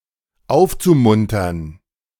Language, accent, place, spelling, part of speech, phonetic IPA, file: German, Germany, Berlin, aufzumuntern, verb, [ˈaʊ̯ft͡suˌmʊntɐn], De-aufzumuntern.ogg
- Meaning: zu-infinitive of aufmuntern